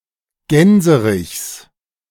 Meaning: genitive singular of Gänserich
- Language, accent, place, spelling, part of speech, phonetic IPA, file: German, Germany, Berlin, Gänserichs, noun, [ˈɡɛnzəʁɪçs], De-Gänserichs.ogg